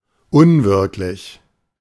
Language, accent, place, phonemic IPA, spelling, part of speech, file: German, Germany, Berlin, /ˈʊnˌvɪʁklɪç/, unwirklich, adjective, De-unwirklich.ogg
- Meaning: unreal, insubstantial